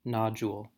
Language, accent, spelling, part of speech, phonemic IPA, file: English, US, nodule, noun, /ˈnɑd͡ʒul/, En-us-nodule.ogg
- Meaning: 1. A small lump, often roughly hemispherical in shape; a small node 2. A rounded mass or irregular shape; a small knot or lump